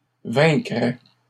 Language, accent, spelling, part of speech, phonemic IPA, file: French, Canada, vaincrait, verb, /vɛ̃.kʁɛ/, LL-Q150 (fra)-vaincrait.wav
- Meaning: third-person singular conditional of vaincre